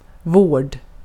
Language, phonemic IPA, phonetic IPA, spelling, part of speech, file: Swedish, /voːrd/, [voəɖ], vård, noun, Sv-vård.ogg
- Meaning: care (that aims to improve or maintain the condition of someone or something): care, treatment (of people who are sick or wounded or weak, or of body parts)